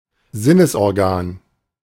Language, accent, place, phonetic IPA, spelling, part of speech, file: German, Germany, Berlin, [ˈzɪnəsʔɔʁˌɡaːn], Sinnesorgan, noun, De-Sinnesorgan.ogg
- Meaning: sense organ